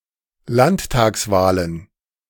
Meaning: plural of Landtagswahl
- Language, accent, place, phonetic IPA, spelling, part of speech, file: German, Germany, Berlin, [ˈlanttaːksˌvaːlən], Landtagswahlen, noun, De-Landtagswahlen.ogg